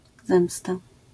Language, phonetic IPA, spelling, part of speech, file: Polish, [ˈzɛ̃msta], zemsta, noun, LL-Q809 (pol)-zemsta.wav